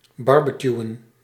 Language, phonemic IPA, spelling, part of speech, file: Dutch, /ˈbɑrbəkjuə(n)/, barbecueën, verb, Nl-barbecueën.ogg
- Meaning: to barbecue, to have a barbecue